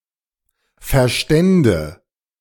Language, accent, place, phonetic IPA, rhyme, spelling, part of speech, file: German, Germany, Berlin, [fɛɐ̯ˈʃtɛndə], -ɛndə, verstände, verb, De-verstände.ogg
- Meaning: first/third-person singular subjunctive II of verstehen